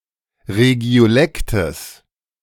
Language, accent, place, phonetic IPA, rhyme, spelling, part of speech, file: German, Germany, Berlin, [ʁeɡi̯oˈlɛktəs], -ɛktəs, Regiolektes, noun, De-Regiolektes.ogg
- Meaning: genitive singular of Regiolekt